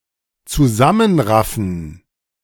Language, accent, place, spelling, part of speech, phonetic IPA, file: German, Germany, Berlin, zusammenraffen, verb, [t͡suˈzamənˌʁafn̩], De-zusammenraffen.ogg
- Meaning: to gather together